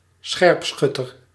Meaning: sharpshooter
- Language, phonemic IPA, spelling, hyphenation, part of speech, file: Dutch, /ˈsxɛrpˌsxʏtər/, scherpschutter, scherp‧schut‧ter, noun, Nl-scherpschutter.ogg